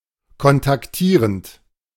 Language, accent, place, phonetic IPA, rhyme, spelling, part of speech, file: German, Germany, Berlin, [kɔntakˈtiːʁənt], -iːʁənt, kontaktierend, verb, De-kontaktierend.ogg
- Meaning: present participle of kontaktieren